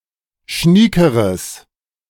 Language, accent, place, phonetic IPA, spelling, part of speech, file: German, Germany, Berlin, [ˈʃniːkəʁəs], schniekeres, adjective, De-schniekeres.ogg
- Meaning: strong/mixed nominative/accusative neuter singular comparative degree of schnieke